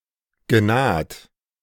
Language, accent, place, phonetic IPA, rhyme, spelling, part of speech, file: German, Germany, Berlin, [ɡəˈnaːt], -aːt, genaht, verb, De-genaht.ogg
- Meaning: past participle of nahen